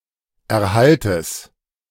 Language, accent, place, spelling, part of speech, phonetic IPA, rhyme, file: German, Germany, Berlin, Erhaltes, noun, [ɛɐ̯ˈhaltəs], -altəs, De-Erhaltes.ogg
- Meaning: genitive singular of Erhalt